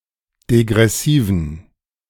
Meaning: inflection of degressiv: 1. strong genitive masculine/neuter singular 2. weak/mixed genitive/dative all-gender singular 3. strong/weak/mixed accusative masculine singular 4. strong dative plural
- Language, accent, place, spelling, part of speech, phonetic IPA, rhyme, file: German, Germany, Berlin, degressiven, adjective, [deɡʁɛˈsiːvn̩], -iːvn̩, De-degressiven.ogg